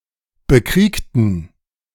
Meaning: inflection of bekriegen: 1. first/third-person plural preterite 2. first/third-person plural subjunctive II
- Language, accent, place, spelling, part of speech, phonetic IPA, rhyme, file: German, Germany, Berlin, bekriegten, adjective / verb, [bəˈkʁiːktn̩], -iːktn̩, De-bekriegten.ogg